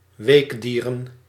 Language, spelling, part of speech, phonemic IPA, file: Dutch, weekdieren, noun, /ˈweɡdirə(n)/, Nl-weekdieren.ogg
- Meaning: plural of weekdier